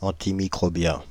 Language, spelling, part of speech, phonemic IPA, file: French, antimicrobien, adjective / noun, /ɑ̃.ti.mi.kʁɔ.bjɛ̃/, Fr-antimicrobien.ogg
- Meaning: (adjective) antimicrobial